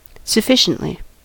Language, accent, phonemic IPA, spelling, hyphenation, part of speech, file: English, US, /səˈfɪʃəntli/, sufficiently, suf‧fi‧cient‧ly, adverb, En-us-sufficiently.ogg
- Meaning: 1. In a sufficient manner; enough 2. To a sufficient extent